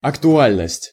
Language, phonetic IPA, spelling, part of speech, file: Russian, [ɐktʊˈalʲnəsʲtʲ], актуальность, noun, Ru-актуальность.ogg
- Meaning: relevance, urgency, topicality